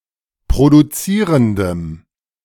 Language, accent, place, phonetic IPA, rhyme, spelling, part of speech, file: German, Germany, Berlin, [pʁoduˈt͡siːʁəndəm], -iːʁəndəm, produzierendem, adjective, De-produzierendem.ogg
- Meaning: strong dative masculine/neuter singular of produzierend